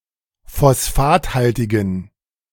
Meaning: inflection of phosphathaltig: 1. strong genitive masculine/neuter singular 2. weak/mixed genitive/dative all-gender singular 3. strong/weak/mixed accusative masculine singular 4. strong dative plural
- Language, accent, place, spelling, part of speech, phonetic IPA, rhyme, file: German, Germany, Berlin, phosphathaltigen, adjective, [fɔsˈfaːtˌhaltɪɡn̩], -aːthaltɪɡn̩, De-phosphathaltigen.ogg